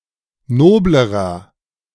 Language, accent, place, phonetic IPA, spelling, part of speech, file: German, Germany, Berlin, [ˈnoːbləʁɐ], noblerer, adjective, De-noblerer.ogg
- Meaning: inflection of nobel: 1. strong/mixed nominative masculine singular comparative degree 2. strong genitive/dative feminine singular comparative degree 3. strong genitive plural comparative degree